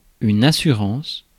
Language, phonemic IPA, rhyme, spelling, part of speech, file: French, /a.sy.ʁɑ̃s/, -ɑ̃s, assurance, noun, Fr-assurance.ogg
- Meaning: 1. self-confidence 2. assurance, guarantee 3. insurance 4. insurance policy 5. insurance company